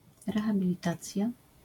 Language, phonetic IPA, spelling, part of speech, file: Polish, [ˌrɛxabʲilʲiˈtat͡sʲja], rehabilitacja, noun, LL-Q809 (pol)-rehabilitacja.wav